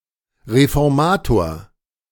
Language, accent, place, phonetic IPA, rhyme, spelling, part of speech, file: German, Germany, Berlin, [ʁefɔʁˈmaːtoːɐ̯], -aːtoːɐ̯, Reformator, noun, De-Reformator.ogg
- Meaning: reformer (male or of unspecified gender)